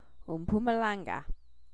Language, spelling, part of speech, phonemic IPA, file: English, Mpumalanga, proper noun, /əmˌpuːməˈlæŋɡə/, Mpumalanga.ogg
- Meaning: A province in northeastern South Africa, which formed part of Transvaal province until 1994